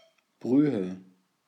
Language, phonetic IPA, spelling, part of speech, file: German, [ˈbʀyːə], Brühe, noun, De-Brühe.ogg
- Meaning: 1. broth 2. thin tea or coffee 3. polluted water or liquid